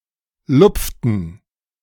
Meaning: inflection of lupfen: 1. first/third-person plural preterite 2. first/third-person plural subjunctive II
- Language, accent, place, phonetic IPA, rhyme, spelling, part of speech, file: German, Germany, Berlin, [ˈlʊp͡ftn̩], -ʊp͡ftn̩, lupften, verb, De-lupften.ogg